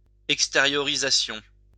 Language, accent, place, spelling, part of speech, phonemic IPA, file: French, France, Lyon, extériorisation, noun, /ɛk.ste.ʁjɔ.ʁi.za.sjɔ̃/, LL-Q150 (fra)-extériorisation.wav
- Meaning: exteriorization